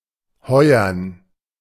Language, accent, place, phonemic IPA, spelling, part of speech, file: German, Germany, Berlin, /ˈhɔʏ̯ɐn/, heuern, verb, De-heuern.ogg
- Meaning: to hire